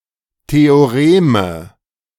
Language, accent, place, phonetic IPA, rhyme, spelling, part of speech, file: German, Germany, Berlin, [ˌteoˈʁeːmə], -eːmə, Theoreme, noun, De-Theoreme.ogg
- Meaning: nominative/accusative/genitive plural of Theorem